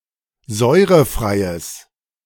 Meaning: strong/mixed nominative/accusative neuter singular of säurefrei
- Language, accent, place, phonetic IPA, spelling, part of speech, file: German, Germany, Berlin, [ˈzɔɪ̯ʁəˌfʁaɪ̯əs], säurefreies, adjective, De-säurefreies.ogg